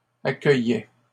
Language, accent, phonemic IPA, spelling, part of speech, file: French, Canada, /a.kœ.jɛ/, accueillais, verb, LL-Q150 (fra)-accueillais.wav
- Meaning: first/second-person singular imperfect indicative of accueillir